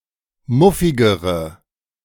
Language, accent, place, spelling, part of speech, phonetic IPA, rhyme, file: German, Germany, Berlin, muffigere, adjective, [ˈmʊfɪɡəʁə], -ʊfɪɡəʁə, De-muffigere.ogg
- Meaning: inflection of muffig: 1. strong/mixed nominative/accusative feminine singular comparative degree 2. strong nominative/accusative plural comparative degree